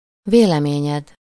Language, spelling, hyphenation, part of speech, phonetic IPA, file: Hungarian, véleményed, vé‧le‧mé‧nyed, noun, [ˈveːlɛmeːɲɛd], Hu-véleményed.ogg
- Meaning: second-person singular single-possession possessive of vélemény